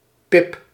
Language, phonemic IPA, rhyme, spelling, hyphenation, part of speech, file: Dutch, /pɪp/, -ɪp, pip, pip, noun, Nl-pip.ogg
- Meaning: 1. Pip (any of various respiratory diseases in birds, especially infectious coryza) 2. of humans, a disease (particularly the common cold or the flu), malaise or depression